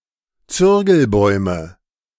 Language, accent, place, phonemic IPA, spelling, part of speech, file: German, Germany, Berlin, /ˈt͡sʏʁɡl̩ˌbɔʏ̯mə/, Zürgelbäume, noun, De-Zürgelbäume.ogg
- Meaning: nominative/accusative/genitive plural of Zürgelbaum